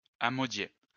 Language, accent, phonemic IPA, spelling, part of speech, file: French, France, /a.mɔ.dje/, amodier, verb, LL-Q150 (fra)-amodier.wav
- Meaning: to rent or lease land or a farm